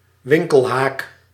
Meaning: try square; or, generally, any kind of square used by masons and carpenters to measure right angles, such as a steel square or a carpenter's square
- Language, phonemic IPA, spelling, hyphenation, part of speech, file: Dutch, /ˈʋɪŋ.kəlˌɦaːk/, winkelhaak, win‧kel‧haak, noun, Nl-winkelhaak.ogg